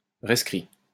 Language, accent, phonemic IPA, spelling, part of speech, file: French, France, /ʁɛs.kʁi/, rescrit, noun, LL-Q150 (fra)-rescrit.wav
- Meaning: rescript, mandate